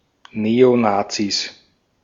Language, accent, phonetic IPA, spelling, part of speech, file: German, Austria, [ˈneːoˌnaːt͡sis], Neonazis, noun, De-at-Neonazis.ogg
- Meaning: 1. genitive singular of Neonazi 2. plural of Neonazi